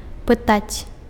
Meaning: to ask
- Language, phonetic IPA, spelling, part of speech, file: Belarusian, [pɨˈtat͡sʲ], пытаць, verb, Be-пытаць.ogg